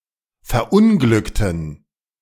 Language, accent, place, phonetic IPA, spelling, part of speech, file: German, Germany, Berlin, [fɛɐ̯ˈʔʊnɡlʏktn̩], verunglückten, adjective / verb, De-verunglückten.ogg
- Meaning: inflection of verunglücken: 1. first/third-person plural preterite 2. first/third-person plural subjunctive II